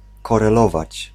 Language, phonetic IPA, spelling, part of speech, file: Polish, [ˌkɔrɛˈlɔvat͡ɕ], korelować, verb, Pl-korelować.ogg